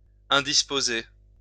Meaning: 1. to irritate, to annoy 2. to make (someone) feel ill, to upset
- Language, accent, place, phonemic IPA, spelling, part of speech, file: French, France, Lyon, /ɛ̃.dis.po.ze/, indisposer, verb, LL-Q150 (fra)-indisposer.wav